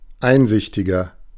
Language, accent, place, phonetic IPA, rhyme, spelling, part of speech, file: German, Germany, Berlin, [ˈaɪ̯nˌzɪçtɪɡɐ], -aɪ̯nzɪçtɪɡɐ, einsichtiger, adjective, De-einsichtiger.ogg
- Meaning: 1. comparative degree of einsichtig 2. inflection of einsichtig: strong/mixed nominative masculine singular 3. inflection of einsichtig: strong genitive/dative feminine singular